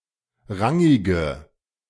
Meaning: inflection of rangig: 1. strong/mixed nominative/accusative feminine singular 2. strong nominative/accusative plural 3. weak nominative all-gender singular 4. weak accusative feminine/neuter singular
- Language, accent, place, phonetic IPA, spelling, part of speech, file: German, Germany, Berlin, [ˈʁaŋɪɡə], rangige, adjective, De-rangige.ogg